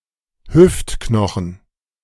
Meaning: hip bone
- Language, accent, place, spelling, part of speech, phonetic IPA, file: German, Germany, Berlin, Hüftknochen, noun, [ˈhʏftknɔxn̩], De-Hüftknochen.ogg